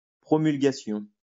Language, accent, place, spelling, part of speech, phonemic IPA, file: French, France, Lyon, promulgation, noun, /pʁɔ.myl.ɡa.sjɔ̃/, LL-Q150 (fra)-promulgation.wav
- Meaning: promulgation